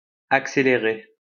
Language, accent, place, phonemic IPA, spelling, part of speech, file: French, France, Lyon, /ak.se.le.ʁe/, accéléré, verb / noun, LL-Q150 (fra)-accéléré.wav
- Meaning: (verb) past participle of accélérer; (noun) time-lapse